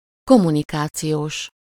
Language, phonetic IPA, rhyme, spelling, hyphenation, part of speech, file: Hungarian, [ˈkomːunikaːt͡sijoːʃ], -oːʃ, kommunikációs, kom‧mu‧ni‧ká‧ci‧ós, adjective, Hu-kommunikációs.ogg
- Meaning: of or relating to communication